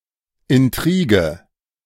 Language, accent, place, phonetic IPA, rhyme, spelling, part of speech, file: German, Germany, Berlin, [ɪnˈtʁiːɡə], -iːɡə, Intrige, noun, De-Intrige.ogg
- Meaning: intrigue, plot